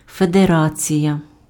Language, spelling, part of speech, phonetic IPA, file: Ukrainian, федерація, noun, [fedeˈrat͡sʲijɐ], Uk-федерація.ogg
- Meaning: federation